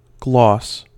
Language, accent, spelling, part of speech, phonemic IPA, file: English, US, gloss, noun / verb, /ɡlɔs/, En-us-gloss.ogg
- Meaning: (noun) 1. A surface shine or luster 2. A superficially or deceptively attractive appearance; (verb) 1. To give a gloss or sheen to 2. To make (something) attractive by deception 3. To become shiny